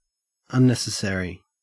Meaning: 1. Not needed or necessary 2. Done in addition to requirements; unrequired
- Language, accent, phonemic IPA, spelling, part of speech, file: English, Australia, /anˈnes.əˌseɹ.i/, unnecessary, adjective, En-au-unnecessary.ogg